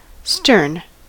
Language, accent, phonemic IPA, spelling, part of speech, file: English, US, /stɝn/, stern, adjective / noun / verb, En-us-stern.ogg
- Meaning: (adjective) 1. Having a hardness and severity of nature or manner 2. Grim and forbidding in appearance; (noun) The rear part (after end) of a ship or other vessel